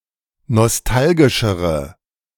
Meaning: inflection of nostalgisch: 1. strong/mixed nominative/accusative feminine singular comparative degree 2. strong nominative/accusative plural comparative degree
- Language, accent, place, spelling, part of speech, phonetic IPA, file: German, Germany, Berlin, nostalgischere, adjective, [nɔsˈtalɡɪʃəʁə], De-nostalgischere.ogg